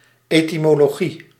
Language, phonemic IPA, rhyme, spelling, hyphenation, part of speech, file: Dutch, /ˌeː.ti.moː.loːˈɣi/, -i, etymologie, ety‧mo‧lo‧gie, noun, Nl-etymologie.ogg
- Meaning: 1. etymology (study of the origin and development of words) 2. etymology (proposed explanation for the origin and development of a word)